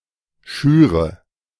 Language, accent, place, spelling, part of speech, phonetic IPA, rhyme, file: German, Germany, Berlin, schüre, verb, [ˈʃyːʁə], -yːʁə, De-schüre.ogg
- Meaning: inflection of schüren: 1. first-person singular present 2. first/third-person singular subjunctive I 3. singular imperative